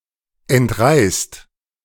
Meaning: inflection of entreißen: 1. second-person plural present 2. plural imperative
- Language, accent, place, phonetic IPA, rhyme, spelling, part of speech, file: German, Germany, Berlin, [ɛntˈʁaɪ̯st], -aɪ̯st, entreißt, verb, De-entreißt.ogg